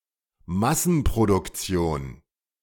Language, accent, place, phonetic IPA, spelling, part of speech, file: German, Germany, Berlin, [ˈmasn̩pʁodʊkˌt͡si̯oːn], Massenproduktion, noun, De-Massenproduktion.ogg
- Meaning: 1. mass production 2. an item made in mass production